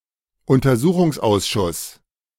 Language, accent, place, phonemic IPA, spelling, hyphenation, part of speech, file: German, Germany, Berlin, /ʊntɐˈzuːχʊŋsˌʔaʊ̯sʃʊs/, Untersuchungsausschuss, Un‧ter‧su‧chungs‧aus‧schuss, noun, De-Untersuchungsausschuss.ogg
- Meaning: board of enquiry, investigation committee